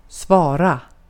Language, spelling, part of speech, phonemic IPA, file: Swedish, svara, verb, /ˈsvɑːˌra/, Sv-svara.ogg
- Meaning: to answer, to reply, to respond